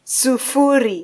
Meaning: alternative form of sifuri
- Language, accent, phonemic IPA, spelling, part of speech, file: Swahili, Kenya, /suˈfu.ɾi/, sufuri, numeral, Sw-ke-sufuri.flac